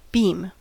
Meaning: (noun) Any large piece of timber or iron long in proportion to its thickness, and prepared for use
- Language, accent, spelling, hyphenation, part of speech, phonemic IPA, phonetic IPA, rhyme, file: English, US, beam, beam, noun / verb, /ˈbiːm/, [ˈbɪi̯m], -iːm, En-us-beam.ogg